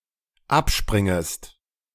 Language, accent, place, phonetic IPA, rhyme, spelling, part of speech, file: German, Germany, Berlin, [ˈapˌʃpʁɪŋəst], -apʃpʁɪŋəst, abspringest, verb, De-abspringest.ogg
- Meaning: second-person singular dependent subjunctive I of abspringen